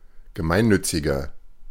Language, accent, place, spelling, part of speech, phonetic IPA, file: German, Germany, Berlin, gemeinnütziger, adjective, [ɡəˈmaɪ̯nˌnʏt͡sɪɡɐ], De-gemeinnütziger.ogg
- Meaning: 1. comparative degree of gemeinnützig 2. inflection of gemeinnützig: strong/mixed nominative masculine singular 3. inflection of gemeinnützig: strong genitive/dative feminine singular